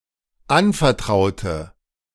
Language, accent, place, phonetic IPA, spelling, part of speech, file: German, Germany, Berlin, [ˈanfɛɐ̯ˌtʁaʊ̯tə], anvertraute, adjective / verb, De-anvertraute.ogg
- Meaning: inflection of anvertrauen: 1. first/third-person singular dependent preterite 2. first/third-person singular dependent subjunctive II